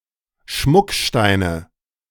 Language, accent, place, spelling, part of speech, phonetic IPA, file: German, Germany, Berlin, Schmucksteine, noun, [ˈʃmʊkˌʃtaɪ̯nə], De-Schmucksteine.ogg
- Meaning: nominative/accusative/genitive plural of Schmuckstein